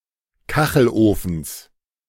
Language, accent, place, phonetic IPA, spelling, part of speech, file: German, Germany, Berlin, [ˈkaxl̩ʔoːfn̩s], Kachelofens, noun, De-Kachelofens.ogg
- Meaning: genitive singular of Kachelofen